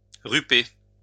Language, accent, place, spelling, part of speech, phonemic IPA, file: French, France, Lyon, ruper, verb, /ʁy.pe/, LL-Q150 (fra)-ruper.wav
- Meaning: to eat